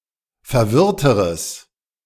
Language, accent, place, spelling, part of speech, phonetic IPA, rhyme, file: German, Germany, Berlin, verwirrteres, adjective, [fɛɐ̯ˈvɪʁtəʁəs], -ɪʁtəʁəs, De-verwirrteres.ogg
- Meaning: strong/mixed nominative/accusative neuter singular comparative degree of verwirrt